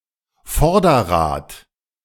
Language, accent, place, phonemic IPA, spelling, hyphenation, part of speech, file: German, Germany, Berlin, /ˈfɔʁdɐˌʁaːt/, Vorderrad, Vor‧der‧rad, noun, De-Vorderrad.ogg
- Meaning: one of the wheels at the front axle; front wheel